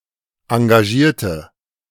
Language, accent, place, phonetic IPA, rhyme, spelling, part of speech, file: German, Germany, Berlin, [ɑ̃ɡaˈʒiːɐ̯tə], -iːɐ̯tə, engagierte, adjective / verb, De-engagierte.ogg
- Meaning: inflection of engagieren: 1. first/third-person singular preterite 2. first/third-person singular subjunctive II